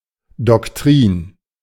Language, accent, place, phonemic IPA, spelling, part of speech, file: German, Germany, Berlin, /dɔkˈtʁiːn/, Doktrin, noun, De-Doktrin.ogg
- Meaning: doctrine